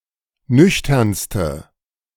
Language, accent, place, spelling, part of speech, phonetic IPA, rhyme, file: German, Germany, Berlin, nüchternste, adjective, [ˈnʏçtɐnstə], -ʏçtɐnstə, De-nüchternste.ogg
- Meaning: inflection of nüchtern: 1. strong/mixed nominative/accusative feminine singular superlative degree 2. strong nominative/accusative plural superlative degree